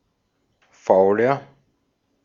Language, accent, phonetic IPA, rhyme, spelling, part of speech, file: German, Austria, [ˈfaʊ̯lɐ], -aʊ̯lɐ, fauler, adjective, De-at-fauler.ogg
- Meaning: 1. comparative degree of faul 2. inflection of faul: strong/mixed nominative masculine singular 3. inflection of faul: strong genitive/dative feminine singular